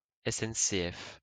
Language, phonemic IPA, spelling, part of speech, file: French, /ɛ.sɛn.se.ɛf/, SNCF, proper noun, LL-Q150 (fra)-SNCF.wav
- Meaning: initialism of Société nationale des chemins de fer français (the national railway company of France)